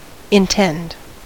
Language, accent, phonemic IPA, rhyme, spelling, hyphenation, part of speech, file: English, US, /ɪnˈtɛnd/, -ɛnd, intend, in‧tend, verb, En-us-intend.ogg
- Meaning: 1. To fix the mind upon (something, or something to be accomplished); be intent upon 2. To fix the mind on; attend to; take care of; superintend; regard 3. To stretch to extend; distend